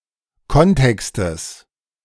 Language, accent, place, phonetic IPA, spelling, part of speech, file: German, Germany, Berlin, [ˈkɔnˌtɛkstəs], Kontextes, noun, De-Kontextes.ogg
- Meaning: genitive of Kontext